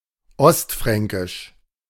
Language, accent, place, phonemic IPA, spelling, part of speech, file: German, Germany, Berlin, /ˈɔstˌfʁɛŋkɪʃ/, ostfränkisch, adjective, De-ostfränkisch.ogg
- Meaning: 1. East Frankish 2. East Franconian